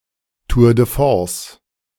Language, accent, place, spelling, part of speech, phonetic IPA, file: German, Germany, Berlin, Tour de Force, noun, [tuʁ də ˈfɔʁs], De-Tour de Force.ogg
- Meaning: tour de force